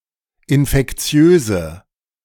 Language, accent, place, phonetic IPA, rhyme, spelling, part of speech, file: German, Germany, Berlin, [ɪnfɛkˈt͡si̯øːzə], -øːzə, infektiöse, adjective, De-infektiöse.ogg
- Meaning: inflection of infektiös: 1. strong/mixed nominative/accusative feminine singular 2. strong nominative/accusative plural 3. weak nominative all-gender singular